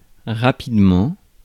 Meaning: speedily; quickly
- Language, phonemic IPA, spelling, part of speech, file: French, /ʁa.pid.mɑ̃/, rapidement, adverb, Fr-rapidement.ogg